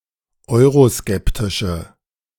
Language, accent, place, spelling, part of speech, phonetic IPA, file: German, Germany, Berlin, euroskeptische, adjective, [ˈɔɪ̯ʁoˌskɛptɪʃə], De-euroskeptische.ogg
- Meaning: inflection of euroskeptisch: 1. strong/mixed nominative/accusative feminine singular 2. strong nominative/accusative plural 3. weak nominative all-gender singular